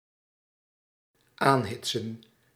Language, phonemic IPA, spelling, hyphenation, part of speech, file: Dutch, /ˈaːnɦɪtsə(n)/, aanhitsen, aan‧hit‧sen, verb, Nl-aanhitsen.ogg
- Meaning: to incite